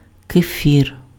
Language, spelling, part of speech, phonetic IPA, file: Ukrainian, кефір, noun, [keˈfʲir], Uk-кефір.ogg
- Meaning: kefir